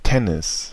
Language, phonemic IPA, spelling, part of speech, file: German, /ˈtɛnɪs/, Tennis, noun, De-Tennis.ogg
- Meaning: tennis